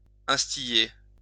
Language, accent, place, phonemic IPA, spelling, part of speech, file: French, France, Lyon, /ɛ̃s.ti.le/, instiller, verb, LL-Q150 (fra)-instiller.wav
- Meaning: to instil